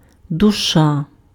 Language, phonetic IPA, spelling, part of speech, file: Ukrainian, [dʊˈʃa], душа, noun, Uk-душа.ogg
- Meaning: soul, spirit